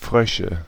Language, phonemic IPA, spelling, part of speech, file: German, /ˈfʁœʃə/, Frösche, noun, De-Frösche.ogg
- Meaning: nominative/accusative/genitive plural of Frosch